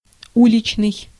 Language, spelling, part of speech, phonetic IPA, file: Russian, уличный, adjective, [ˈulʲɪt͡ɕnɨj], Ru-уличный.ogg
- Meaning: street